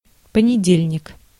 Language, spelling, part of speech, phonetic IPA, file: Russian, понедельник, noun, [pənʲɪˈdʲelʲnʲɪk], Ru-понедельник.ogg
- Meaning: Monday